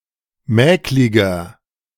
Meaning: 1. comparative degree of mäklig 2. inflection of mäklig: strong/mixed nominative masculine singular 3. inflection of mäklig: strong genitive/dative feminine singular
- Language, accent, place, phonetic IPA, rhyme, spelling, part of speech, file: German, Germany, Berlin, [ˈmɛːklɪɡɐ], -ɛːklɪɡɐ, mäkliger, adjective, De-mäkliger.ogg